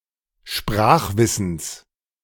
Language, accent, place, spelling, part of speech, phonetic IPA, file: German, Germany, Berlin, Sprachwissens, noun, [ˈʃpʁaːxˌvɪsn̩s], De-Sprachwissens.ogg
- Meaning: genitive singular of Sprachwissen